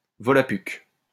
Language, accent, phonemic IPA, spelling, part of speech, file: French, France, /vɔ.la.pyk/, volapük, noun, LL-Q150 (fra)-volapük.wav
- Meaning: 1. Volapük (language) 2. incomprehensible language